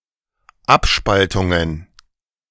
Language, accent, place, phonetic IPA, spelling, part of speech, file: German, Germany, Berlin, [ˈapˌʃpaltʊŋən], Abspaltungen, noun, De-Abspaltungen.ogg
- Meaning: plural of Abspaltung